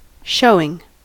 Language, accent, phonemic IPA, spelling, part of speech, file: English, US, /ˈʃoʊɪŋ/, showing, verb / noun, En-us-showing.ogg
- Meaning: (verb) present participle and gerund of show; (noun) 1. An occasion when something is shown 2. A result, a judgement